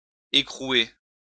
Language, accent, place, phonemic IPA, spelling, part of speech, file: French, France, Lyon, /e.kʁu.e/, écrouer, verb, LL-Q150 (fra)-écrouer.wav
- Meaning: to lock up, to imprison